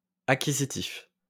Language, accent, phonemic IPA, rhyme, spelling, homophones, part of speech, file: French, France, /a.ki.zi.tif/, -if, acquisitif, acquisitifs, adjective, LL-Q150 (fra)-acquisitif.wav
- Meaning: acquisition; acquisitional